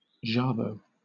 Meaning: A cascading or ornamental frill down the front of a blouse, shirt, etc
- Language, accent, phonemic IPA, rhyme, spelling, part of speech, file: English, Southern England, /ˈʒæ.bəʊ/, -æbəʊ, jabot, noun, LL-Q1860 (eng)-jabot.wav